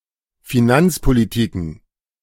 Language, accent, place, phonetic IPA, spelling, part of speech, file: German, Germany, Berlin, [fiˈnant͡spoˌliːtikn̩], Finanzpolitiken, noun, De-Finanzpolitiken.ogg
- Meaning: plural of Finanzpolitik